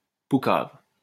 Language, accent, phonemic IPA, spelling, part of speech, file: French, France, /pu.kav/, poucave, noun / verb, LL-Q150 (fra)-poucave.wav
- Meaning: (noun) snitch, informer; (verb) to betray, to snitch on